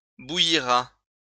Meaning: third-person singular future of bouillir
- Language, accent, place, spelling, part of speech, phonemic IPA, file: French, France, Lyon, bouillira, verb, /bu.ji.ʁa/, LL-Q150 (fra)-bouillira.wav